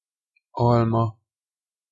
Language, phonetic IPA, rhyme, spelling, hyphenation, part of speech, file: Hungarian, [ˈɒlmɒ], -mɒ, alma, al‧ma, noun, Hu-alma.ogg
- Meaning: 1. apple 2. third-person singular single-possession possessive of alom